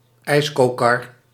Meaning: ice cream cart, ice cream van (vehicle used by ice cream vendors)
- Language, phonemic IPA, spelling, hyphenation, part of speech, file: Dutch, /ˈɛi̯s.koːˌkɑr/, ijscokar, ijs‧co‧kar, noun, Nl-ijscokar.ogg